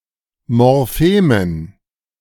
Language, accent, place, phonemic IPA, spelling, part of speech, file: German, Germany, Berlin, /mɔʁˈfeːmən/, Morphemen, noun, De-Morphemen.ogg
- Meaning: dative plural of Morphem